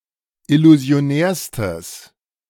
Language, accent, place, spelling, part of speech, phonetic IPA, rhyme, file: German, Germany, Berlin, illusionärstes, adjective, [ɪluzi̯oˈnɛːɐ̯stəs], -ɛːɐ̯stəs, De-illusionärstes.ogg
- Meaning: strong/mixed nominative/accusative neuter singular superlative degree of illusionär